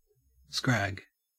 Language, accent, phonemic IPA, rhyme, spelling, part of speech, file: English, Australia, /skɹæːɡ/, -æɡ, scrag, noun / verb, En-au-scrag.ogg
- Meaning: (noun) 1. A thin or scrawny person or animal 2. The lean end of a neck of mutton; the scrag end 3. The neck, especially of a sheep 4. A scrog